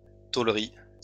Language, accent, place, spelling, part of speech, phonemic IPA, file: French, France, Lyon, tôlerie, noun, /tol.ʁi/, LL-Q150 (fra)-tôlerie.wav
- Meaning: 1. sheet metal factory 2. sheet metalwork